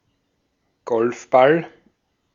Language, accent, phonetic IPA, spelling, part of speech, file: German, Austria, [ˈɡɔlfˌbal], Golfball, noun, De-at-Golfball.ogg
- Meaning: a golf ball